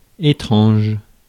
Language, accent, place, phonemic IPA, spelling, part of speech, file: French, France, Paris, /e.tʁɑ̃ʒ/, étrange, adjective, Fr-étrange.ogg
- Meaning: 1. strange (bizarre, odd, abnormal) 2. foreign